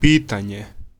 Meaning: question
- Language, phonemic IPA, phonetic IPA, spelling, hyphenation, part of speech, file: Serbo-Croatian, /pǐːtaːɲe/, [pǐːt̪äːɲ̟e̞], pitanje, pi‧ta‧nje, noun, Hr-pitanje.ogg